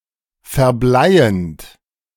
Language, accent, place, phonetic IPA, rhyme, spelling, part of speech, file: German, Germany, Berlin, [fɛɐ̯ˈblaɪ̯ənt], -aɪ̯ənt, verbleiend, verb, De-verbleiend.ogg
- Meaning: present participle of verbleien